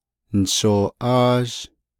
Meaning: second-person duoplural perfect active indicative of naaghá
- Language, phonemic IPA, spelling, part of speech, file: Navajo, /nɪ̀ʃòːʔɑ́ːʒ/, nishooʼáázh, verb, Nv-nishooʼáázh.ogg